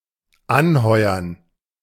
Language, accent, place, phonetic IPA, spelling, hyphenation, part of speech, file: German, Germany, Berlin, [ˈanˌhɔɪ̯ɐn], anheuern, an‧heu‧ern, verb, De-anheuern.ogg
- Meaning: 1. to hire, to give someone a job 2. to begin work